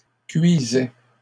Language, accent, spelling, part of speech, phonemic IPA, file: French, Canada, cuisais, verb, /kɥi.zɛ/, LL-Q150 (fra)-cuisais.wav
- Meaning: first/second-person singular imperfect indicative of cuire